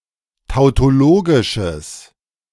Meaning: strong/mixed nominative/accusative neuter singular of tautologisch
- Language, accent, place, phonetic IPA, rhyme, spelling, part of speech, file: German, Germany, Berlin, [taʊ̯toˈloːɡɪʃəs], -oːɡɪʃəs, tautologisches, adjective, De-tautologisches.ogg